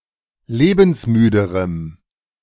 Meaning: strong dative masculine/neuter singular comparative degree of lebensmüde
- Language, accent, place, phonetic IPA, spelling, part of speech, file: German, Germany, Berlin, [ˈleːbn̩sˌmyːdəʁəm], lebensmüderem, adjective, De-lebensmüderem.ogg